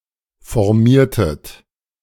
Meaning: inflection of formieren: 1. second-person plural preterite 2. second-person plural subjunctive II
- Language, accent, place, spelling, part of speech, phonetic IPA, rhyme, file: German, Germany, Berlin, formiertet, verb, [fɔʁˈmiːɐ̯tət], -iːɐ̯tət, De-formiertet.ogg